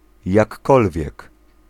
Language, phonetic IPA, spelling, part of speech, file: Polish, [jakˈːɔlvʲjɛk], jakkolwiek, adverb / pronoun / conjunction, Pl-jakkolwiek.ogg